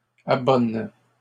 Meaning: inflection of abonner: 1. first/third-person singular present indicative/subjunctive 2. second-person singular imperative
- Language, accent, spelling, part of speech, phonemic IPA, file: French, Canada, abonne, verb, /a.bɔn/, LL-Q150 (fra)-abonne.wav